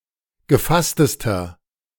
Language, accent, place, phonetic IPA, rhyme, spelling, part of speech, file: German, Germany, Berlin, [ɡəˈfastəstɐ], -astəstɐ, gefasstester, adjective, De-gefasstester.ogg
- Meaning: inflection of gefasst: 1. strong/mixed nominative masculine singular superlative degree 2. strong genitive/dative feminine singular superlative degree 3. strong genitive plural superlative degree